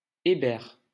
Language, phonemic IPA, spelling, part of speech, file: French, /e.bɛʁ/, Hébert, proper noun, LL-Q150 (fra)-Hébert.wav
- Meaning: a surname originating as a patronymic